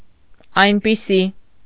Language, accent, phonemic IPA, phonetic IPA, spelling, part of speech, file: Armenian, Eastern Armenian, /ɑjnpiˈsi/, [ɑjnpisí], այնպիսի, pronoun, Hy-այնպիսի.ogg
- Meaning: such, suchlike